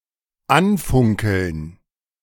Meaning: to glare (stare angrily)
- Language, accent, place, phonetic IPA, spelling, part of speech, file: German, Germany, Berlin, [ˈanˌfʊŋkl̩n], anfunkeln, verb, De-anfunkeln.ogg